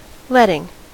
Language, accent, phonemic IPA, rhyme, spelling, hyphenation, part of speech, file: English, US, /ˈlɛtɪŋ/, -ɛtɪŋ, letting, let‧ting, verb / noun, En-us-letting.ogg
- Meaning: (verb) present participle and gerund of let; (noun) 1. Synonym of tenancy 2. The award of a public contract